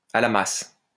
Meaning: lost, at sea; dumb, slow, slow-witted
- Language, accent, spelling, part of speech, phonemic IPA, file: French, France, à la masse, adjective, /a la mas/, LL-Q150 (fra)-à la masse.wav